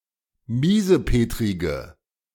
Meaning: inflection of miesepetrig: 1. strong/mixed nominative/accusative feminine singular 2. strong nominative/accusative plural 3. weak nominative all-gender singular
- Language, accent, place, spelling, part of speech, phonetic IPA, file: German, Germany, Berlin, miesepetrige, adjective, [ˈmiːzəˌpeːtʁɪɡə], De-miesepetrige.ogg